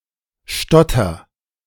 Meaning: inflection of stottern: 1. first-person singular present 2. singular imperative
- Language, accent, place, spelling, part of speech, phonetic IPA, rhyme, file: German, Germany, Berlin, stotter, verb, [ˈʃtɔtɐ], -ɔtɐ, De-stotter.ogg